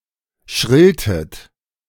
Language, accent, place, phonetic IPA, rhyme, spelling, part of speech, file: German, Germany, Berlin, [ˈʃʁɪltn̩], -ɪltn̩, schrillten, verb, De-schrillten.ogg
- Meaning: inflection of schrillen: 1. first/third-person plural preterite 2. first/third-person plural subjunctive II